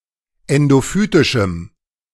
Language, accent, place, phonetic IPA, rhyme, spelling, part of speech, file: German, Germany, Berlin, [ˌɛndoˈfyːtɪʃm̩], -yːtɪʃm̩, endophytischem, adjective, De-endophytischem.ogg
- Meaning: strong dative masculine/neuter singular of endophytisch